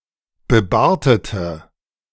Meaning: inflection of bebartet: 1. strong/mixed nominative/accusative feminine singular 2. strong nominative/accusative plural 3. weak nominative all-gender singular
- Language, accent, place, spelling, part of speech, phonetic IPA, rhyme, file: German, Germany, Berlin, bebartete, adjective, [bəˈbaːɐ̯tətə], -aːɐ̯tətə, De-bebartete.ogg